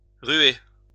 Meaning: 1. to kick with its hind legs 2. to hurl 3. to struggle, fight 4. to mob, jump on
- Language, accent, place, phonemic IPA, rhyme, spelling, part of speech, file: French, France, Lyon, /ʁɥe/, -ɥe, ruer, verb, LL-Q150 (fra)-ruer.wav